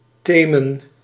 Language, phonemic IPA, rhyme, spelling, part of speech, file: Dutch, /ˈteːmən/, -eːmən, temen, verb, Nl-temen.ogg
- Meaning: to drawl, to talk slowly